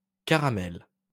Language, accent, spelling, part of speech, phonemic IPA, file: French, France, caramels, noun, /ka.ʁa.mɛl/, LL-Q150 (fra)-caramels.wav
- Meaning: plural of caramel